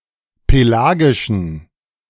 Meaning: inflection of pelagisch: 1. strong genitive masculine/neuter singular 2. weak/mixed genitive/dative all-gender singular 3. strong/weak/mixed accusative masculine singular 4. strong dative plural
- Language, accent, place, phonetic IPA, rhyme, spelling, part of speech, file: German, Germany, Berlin, [peˈlaːɡɪʃn̩], -aːɡɪʃn̩, pelagischen, adjective, De-pelagischen.ogg